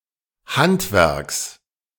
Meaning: genitive singular of Handwerk
- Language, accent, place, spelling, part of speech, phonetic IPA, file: German, Germany, Berlin, Handwerks, noun, [ˈhantˌvɛʁks], De-Handwerks.ogg